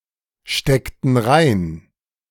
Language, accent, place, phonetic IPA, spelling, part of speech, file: German, Germany, Berlin, [ˌʃtɛktn̩ ˈʁaɪ̯n], steckten rein, verb, De-steckten rein.ogg
- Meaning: inflection of reinstecken: 1. first/third-person plural preterite 2. first/third-person plural subjunctive II